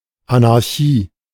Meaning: anarchy
- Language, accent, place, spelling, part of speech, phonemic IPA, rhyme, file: German, Germany, Berlin, Anarchie, noun, /anaʁˈçiː/, -iː, De-Anarchie.ogg